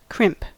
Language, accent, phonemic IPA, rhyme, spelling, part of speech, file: English, US, /kɹɪmp/, -ɪmp, crimp, adjective / noun / verb, En-us-crimp.ogg
- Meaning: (adjective) 1. Easily crumbled; friable; brittle 2. Weak; inconsistent; contradictory